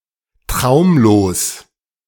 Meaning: dreamless
- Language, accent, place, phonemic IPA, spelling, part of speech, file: German, Germany, Berlin, /ˈtʁaʊ̯mloːs/, traumlos, adjective, De-traumlos.ogg